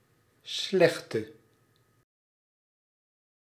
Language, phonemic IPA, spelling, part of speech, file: Dutch, /ˈslɛxtə/, slechte, noun / adjective, Nl-slechte.ogg
- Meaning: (noun) 1. bad person 2. the bad guys; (adjective) inflection of slecht: 1. masculine/feminine singular attributive 2. definite neuter singular attributive 3. plural attributive